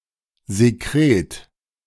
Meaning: secretion (substance that has been secreted)
- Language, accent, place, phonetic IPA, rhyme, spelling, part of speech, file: German, Germany, Berlin, [zeˈkʁeːt], -eːt, Sekret, noun, De-Sekret.ogg